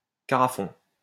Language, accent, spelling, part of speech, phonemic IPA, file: French, France, carafon, noun, /ka.ʁa.fɔ̃/, LL-Q150 (fra)-carafon.wav
- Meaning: small carafe